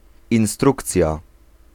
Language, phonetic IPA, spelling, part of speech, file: Polish, [ĩw̃ˈstrukt͡sʲja], instrukcja, noun, Pl-instrukcja.ogg